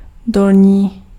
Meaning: lower
- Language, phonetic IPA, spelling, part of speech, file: Czech, [ˈdolɲiː], dolní, adjective, Cs-dolní.ogg